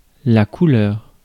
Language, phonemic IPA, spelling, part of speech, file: French, /ku.lœʁ/, couleur, noun, Fr-couleur.ogg
- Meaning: 1. color/colour 2. a flush 3. suit 4. tincture, colour